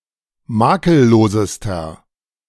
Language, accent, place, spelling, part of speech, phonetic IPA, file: German, Germany, Berlin, makellosester, adjective, [ˈmaːkəlˌloːzəstɐ], De-makellosester.ogg
- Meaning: inflection of makellos: 1. strong/mixed nominative masculine singular superlative degree 2. strong genitive/dative feminine singular superlative degree 3. strong genitive plural superlative degree